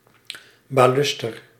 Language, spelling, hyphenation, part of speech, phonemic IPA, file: Dutch, baluster, ba‧lus‧ter, noun, /ˌbaː.lys.ˈtɛr/, Nl-baluster.ogg
- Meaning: baluster